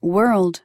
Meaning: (noun) 1. The subjective human experience, regarded collectively; human collective existence; existence in general; the reality we live in 2. The subjective human experience, regarded individually
- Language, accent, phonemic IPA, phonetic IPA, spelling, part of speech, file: English, General American, /wɝld/, [wɝɫd], world, noun / verb, En-us-world.oga